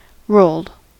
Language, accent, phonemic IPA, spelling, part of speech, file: English, US, /ɹoʊld/, rolled, adjective / verb, En-us-rolled.ogg
- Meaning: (adjective) rolled dough; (verb) simple past and past participle of roll